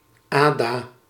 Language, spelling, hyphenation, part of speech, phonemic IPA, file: Dutch, Ada, Ada, proper noun, /ˈaː.daː/, Nl-Ada.ogg
- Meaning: a female given name